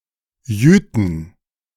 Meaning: 1. genitive/dative/accusative singular of Jüte 2. plural of Jüte
- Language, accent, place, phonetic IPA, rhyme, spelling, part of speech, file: German, Germany, Berlin, [ˈjyːtn̩], -yːtn̩, Jüten, noun, De-Jüten.ogg